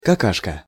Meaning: 1. poopy 2. piece of shit, turd
- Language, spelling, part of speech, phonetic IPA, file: Russian, какашка, noun, [kɐˈkaʂkə], Ru-какашка.ogg